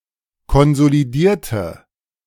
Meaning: inflection of konsolidieren: 1. first/third-person singular preterite 2. first/third-person singular subjunctive II
- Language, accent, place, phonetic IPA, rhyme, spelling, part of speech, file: German, Germany, Berlin, [kɔnzoliˈdiːɐ̯tə], -iːɐ̯tə, konsolidierte, adjective / verb, De-konsolidierte.ogg